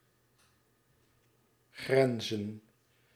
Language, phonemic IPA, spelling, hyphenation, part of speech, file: Dutch, /ˈɣrɛn.zə(n)/, grenzen, gren‧zen, verb / noun, Nl-grenzen.ogg
- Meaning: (verb) to border; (noun) plural of grens